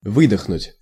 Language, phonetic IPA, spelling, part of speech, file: Russian, [ˈvɨdəxnʊtʲ], выдохнуть, verb, Ru-выдохнуть.ogg
- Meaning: to breathe out, to exhale